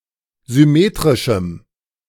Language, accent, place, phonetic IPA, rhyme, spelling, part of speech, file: German, Germany, Berlin, [zʏˈmeːtʁɪʃm̩], -eːtʁɪʃm̩, symmetrischem, adjective, De-symmetrischem.ogg
- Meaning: strong dative masculine/neuter singular of symmetrisch